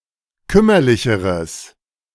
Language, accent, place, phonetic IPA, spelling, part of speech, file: German, Germany, Berlin, [ˈkʏmɐlɪçəʁəs], kümmerlicheres, adjective, De-kümmerlicheres.ogg
- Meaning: strong/mixed nominative/accusative neuter singular comparative degree of kümmerlich